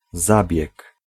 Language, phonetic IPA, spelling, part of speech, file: Polish, [ˈzabʲjɛk], zabieg, noun, Pl-zabieg.ogg